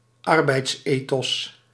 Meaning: work ethic
- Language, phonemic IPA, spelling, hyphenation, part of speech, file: Dutch, /ˈɑr.bɛi̯tsˌeː.tɔs/, arbeidsethos, ar‧beids‧ethos, noun, Nl-arbeidsethos.ogg